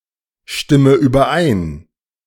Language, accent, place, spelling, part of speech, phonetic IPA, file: German, Germany, Berlin, stimme überein, verb, [ˌʃtɪmə yːbɐˈʔaɪ̯n], De-stimme überein.ogg
- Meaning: inflection of übereinstimmen: 1. first-person singular present 2. first/third-person singular subjunctive I 3. singular imperative